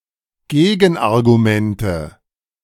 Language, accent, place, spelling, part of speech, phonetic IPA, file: German, Germany, Berlin, Gegenargumente, noun, [ˈɡeːɡn̩ʔaʁɡuˌmɛntə], De-Gegenargumente.ogg
- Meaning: nominative/accusative/genitive plural of Gegenargument